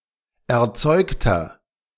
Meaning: inflection of erzeugt: 1. strong/mixed nominative masculine singular 2. strong genitive/dative feminine singular 3. strong genitive plural
- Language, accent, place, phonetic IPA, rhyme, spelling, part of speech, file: German, Germany, Berlin, [ɛɐ̯ˈt͡sɔɪ̯ktɐ], -ɔɪ̯ktɐ, erzeugter, adjective, De-erzeugter.ogg